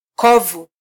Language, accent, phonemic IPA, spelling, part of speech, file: Swahili, Kenya, /ˈkɔ.vu/, kovu, noun, Sw-ke-kovu.flac
- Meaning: scar